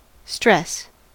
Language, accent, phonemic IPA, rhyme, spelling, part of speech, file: English, US, /stɹɛs/, -ɛs, stress, noun / verb, En-us-stress.ogg
- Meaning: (noun) 1. A physical, chemical, infective agent aggressing an organism 2. Aggression toward an organism resulting in a response in an attempt to restore previous conditions